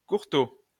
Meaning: 1. short (of a person) 2. having a docked tail
- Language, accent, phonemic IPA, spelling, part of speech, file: French, France, /kuʁ.to/, courtaud, adjective, LL-Q150 (fra)-courtaud.wav